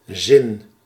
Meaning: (noun) 1. meaning, significance 2. point, the purpose or objective, which makes something meaningful 3. sentence, phrase 4. sense (means of perceiving reality) 5. sense, comprehension
- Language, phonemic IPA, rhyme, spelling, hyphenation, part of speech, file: Dutch, /zɪn/, -ɪn, zin, zin, noun / verb, Nl-zin.ogg